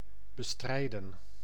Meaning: to combat, suppress, fight against
- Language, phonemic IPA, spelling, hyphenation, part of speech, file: Dutch, /bəˈstrɛi̯də(n)/, bestrijden, be‧strij‧den, verb, Nl-bestrijden.ogg